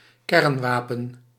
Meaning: nuclear weapon
- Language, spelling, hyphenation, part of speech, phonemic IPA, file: Dutch, kernwapen, kern‧wa‧pen, noun, /ˈkɛrnˌʋaː.pə(n)/, Nl-kernwapen.ogg